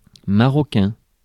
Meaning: of Morocco; Moroccan
- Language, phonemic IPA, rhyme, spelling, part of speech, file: French, /ma.ʁɔ.kɛ̃/, -ɛ̃, marocain, adjective, Fr-marocain.ogg